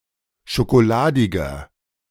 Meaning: 1. comparative degree of schokoladig 2. inflection of schokoladig: strong/mixed nominative masculine singular 3. inflection of schokoladig: strong genitive/dative feminine singular
- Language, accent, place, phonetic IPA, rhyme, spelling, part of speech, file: German, Germany, Berlin, [ʃokoˈlaːdɪɡɐ], -aːdɪɡɐ, schokoladiger, adjective, De-schokoladiger.ogg